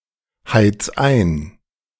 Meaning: 1. singular imperative of einheizen 2. first-person singular present of einheizen
- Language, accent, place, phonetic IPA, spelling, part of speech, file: German, Germany, Berlin, [ˌhaɪ̯t͡s ˈaɪ̯n], heiz ein, verb, De-heiz ein.ogg